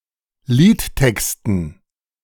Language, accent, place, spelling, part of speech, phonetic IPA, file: German, Germany, Berlin, Liedtexten, noun, [ˈliːtˌtɛkstn̩], De-Liedtexten.ogg
- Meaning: dative plural of Liedtext